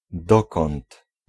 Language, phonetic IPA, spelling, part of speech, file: Polish, [ˈdɔkɔ̃nt], dokąd, pronoun, Pl-dokąd.ogg